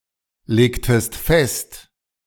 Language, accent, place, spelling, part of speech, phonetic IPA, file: German, Germany, Berlin, legtest fest, verb, [ˌleːktəst ˈfɛst], De-legtest fest.ogg
- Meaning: inflection of festlegen: 1. second-person singular preterite 2. second-person singular subjunctive II